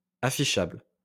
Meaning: displayable
- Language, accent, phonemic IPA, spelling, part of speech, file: French, France, /a.fi.ʃabl/, affichable, adjective, LL-Q150 (fra)-affichable.wav